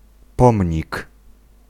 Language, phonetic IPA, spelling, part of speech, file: Polish, [ˈpɔ̃mʲɲik], pomnik, noun, Pl-pomnik.ogg